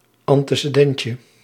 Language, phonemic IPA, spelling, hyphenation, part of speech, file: Dutch, /ɑn.tə.səˈdɛn.tjə/, antecedentje, an‧te‧ce‧den‧tje, noun, Nl-antecedentje.ogg
- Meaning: diminutive of antecedent